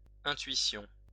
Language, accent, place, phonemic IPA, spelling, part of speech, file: French, France, Lyon, /ɛ̃.tɥi.sjɔ̃/, intuition, noun, LL-Q150 (fra)-intuition.wav
- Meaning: 1. intuition (cognitive faculty) 2. intuition, hunch 3. premonition